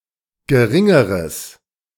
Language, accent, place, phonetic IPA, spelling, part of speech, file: German, Germany, Berlin, [ɡəˈʁɪŋəʁəs], geringeres, adjective, De-geringeres.ogg
- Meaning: strong/mixed nominative/accusative neuter singular comparative degree of gering